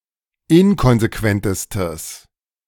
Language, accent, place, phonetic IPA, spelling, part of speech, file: German, Germany, Berlin, [ˈɪnkɔnzeˌkvɛntəstəs], inkonsequentestes, adjective, De-inkonsequentestes.ogg
- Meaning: strong/mixed nominative/accusative neuter singular superlative degree of inkonsequent